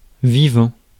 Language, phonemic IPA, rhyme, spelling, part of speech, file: French, /vi.vɑ̃/, -ɑ̃, vivant, adjective / verb / noun, Fr-vivant.ogg
- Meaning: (adjective) 1. alive 2. living; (verb) present participle of vivre; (noun) 1. living person 2. lifetime 3. all living things